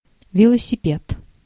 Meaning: 1. bicycle, bike 2. bicycle crunch 3. reinvention of the wheel (act and result)
- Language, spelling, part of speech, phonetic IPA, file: Russian, велосипед, noun, [vʲɪɫəsʲɪˈpʲet], Ru-велосипед.ogg